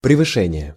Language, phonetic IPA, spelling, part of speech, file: Russian, [prʲɪvɨˈʂɛnʲɪje], превышение, noun, Ru-превышение.ogg
- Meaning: exceeding, excess